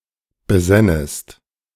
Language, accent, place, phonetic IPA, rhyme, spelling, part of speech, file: German, Germany, Berlin, [bəˈzɛnəst], -ɛnəst, besännest, verb, De-besännest.ogg
- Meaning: second-person singular subjunctive II of besinnen